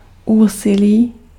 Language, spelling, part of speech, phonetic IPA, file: Czech, úsilí, noun, [ˈuːsɪliː], Cs-úsilí.ogg
- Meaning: effort (exertion)